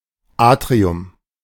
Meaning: 1. atrium (square hall) 2. Atriumhaus (building)
- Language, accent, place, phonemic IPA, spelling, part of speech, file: German, Germany, Berlin, /ˈaːtʀiʊm/, Atrium, noun, De-Atrium.ogg